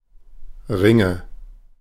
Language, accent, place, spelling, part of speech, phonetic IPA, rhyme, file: German, Germany, Berlin, Ringe, noun, [ˈʁɪŋə], -ɪŋə, De-Ringe.ogg
- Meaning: nominative/accusative/genitive plural of Ring "rings"